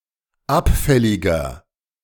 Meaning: 1. comparative degree of abfällig 2. inflection of abfällig: strong/mixed nominative masculine singular 3. inflection of abfällig: strong genitive/dative feminine singular
- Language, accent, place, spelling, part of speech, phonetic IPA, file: German, Germany, Berlin, abfälliger, adjective, [ˈapˌfɛlɪɡɐ], De-abfälliger.ogg